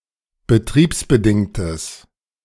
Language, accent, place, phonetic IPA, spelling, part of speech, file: German, Germany, Berlin, [bəˈtʁiːpsbəˌdɪŋtəs], betriebsbedingtes, adjective, De-betriebsbedingtes.ogg
- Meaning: strong/mixed nominative/accusative neuter singular of betriebsbedingt